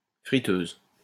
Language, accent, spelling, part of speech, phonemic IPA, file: French, France, friteuse, noun, /fʁi.tøz/, LL-Q150 (fra)-friteuse.wav
- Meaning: deep-fat fryer, deep fryer (heated vessel for frying food by immersing in hot oil, as opposed to shallow frying in a frying pan)